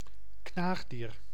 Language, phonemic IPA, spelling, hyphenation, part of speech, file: Dutch, /ˈknaːxdiːr/, knaagdier, knaag‧dier, noun, Nl-knaagdier.ogg
- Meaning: rodent, any member of the order Rodentia